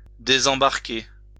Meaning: disembark
- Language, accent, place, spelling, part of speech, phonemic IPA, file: French, France, Lyon, désembarquer, verb, /de.zɑ̃.baʁ.ke/, LL-Q150 (fra)-désembarquer.wav